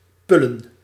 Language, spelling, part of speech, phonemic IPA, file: Dutch, pullen, noun, /ˈpʏlə(n)/, Nl-pullen.ogg
- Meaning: plural of pul